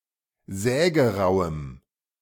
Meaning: strong dative masculine/neuter singular of sägerau
- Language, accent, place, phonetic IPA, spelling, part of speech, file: German, Germany, Berlin, [ˈzɛːɡəˌʁaʊ̯əm], sägerauem, adjective, De-sägerauem.ogg